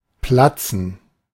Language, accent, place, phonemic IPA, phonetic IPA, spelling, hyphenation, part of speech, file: German, Germany, Berlin, /ˈplatsən/, [ˈpla.t͡sn̩], platzen, plat‧zen, verb, De-platzen.ogg
- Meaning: to burst, to pop (to be torn apart from internal pressure, e.g. of balloons)